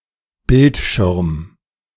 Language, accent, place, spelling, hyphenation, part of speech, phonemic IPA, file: German, Germany, Berlin, Bildschirm, Bild‧schirm, noun, /ˈbɪlt.ʃɪʁm/, De-Bildschirm.ogg
- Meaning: 1. screen 2. monitor 3. display